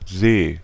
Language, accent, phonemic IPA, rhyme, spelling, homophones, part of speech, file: German, Germany, /zeː/, -eː, See, seh, noun / proper noun, De-See.ogg
- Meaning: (noun) 1. lake 2. sea, ocean 3. sea, sea condition, swell; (proper noun) a municipality of Tyrol, Austria